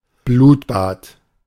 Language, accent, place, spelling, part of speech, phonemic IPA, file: German, Germany, Berlin, Blutbad, noun, /ˈbluːtˌbaːt/, De-Blutbad.ogg
- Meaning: bloodbath